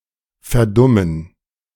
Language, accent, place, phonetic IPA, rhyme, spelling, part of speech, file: German, Germany, Berlin, [fɛɐ̯ˈdʊmən], -ʊmən, verdummen, verb, De-verdummen.ogg
- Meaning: 1. to influence (someone) such that they become stupid and uncritically accept ideas and arguments 2. to become stupid and uncritical